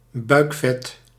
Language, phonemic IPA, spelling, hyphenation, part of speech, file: Dutch, /ˈbœy̯k.fɛt/, buikvet, buik‧vet, noun, Nl-buikvet.ogg
- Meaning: belly fat, abdominal fat